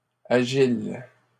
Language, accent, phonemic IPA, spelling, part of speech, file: French, Canada, /a.ʒil/, agiles, adjective, LL-Q150 (fra)-agiles.wav
- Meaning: plural of agile